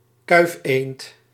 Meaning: tufted duck (Aythya fuligula)
- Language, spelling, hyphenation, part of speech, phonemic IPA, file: Dutch, kuifeend, kuif‧eend, noun, /ˈkœy̯f.eːnt/, Nl-kuifeend.ogg